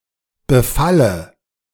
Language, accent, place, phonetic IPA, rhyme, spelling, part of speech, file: German, Germany, Berlin, [bəˈfalə], -alə, Befalle, noun, De-Befalle.ogg
- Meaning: dative singular of Befall